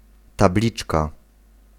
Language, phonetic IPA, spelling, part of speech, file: Polish, [taˈblʲit͡ʃka], tabliczka, noun, Pl-tabliczka.ogg